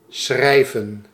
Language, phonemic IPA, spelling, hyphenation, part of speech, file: Dutch, /ˈsxrɛi̯və(n)/, schrijven, schrij‧ven, verb, Nl-schrijven.ogg
- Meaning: 1. to write 2. to write (data)